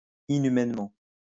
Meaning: inhumanely
- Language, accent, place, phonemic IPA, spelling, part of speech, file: French, France, Lyon, /i.ny.mɛn.mɑ̃/, inhumainement, adverb, LL-Q150 (fra)-inhumainement.wav